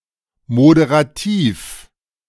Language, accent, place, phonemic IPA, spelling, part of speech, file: German, Germany, Berlin, /modeʁaˈtiːf/, moderativ, adjective, De-moderativ.ogg
- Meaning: moderative, moderating